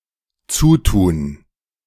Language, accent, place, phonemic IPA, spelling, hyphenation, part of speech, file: German, Germany, Berlin, /ˈt͡suːtuːn/, Zutun, Zu‧tun, noun, De-Zutun.ogg
- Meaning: assistance